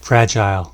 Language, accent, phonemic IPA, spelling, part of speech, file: English, Canada, /ˈfɹæd͡ʒaɪl/, fragile, adjective / noun, En-ca-fragile.ogg
- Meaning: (adjective) 1. Easily broken, not sturdy; of delicate material 2. Readily disrupted or destroyed 3. Feeling weak or easily disturbed as a result of illness 4. Thin-skinned or oversensitive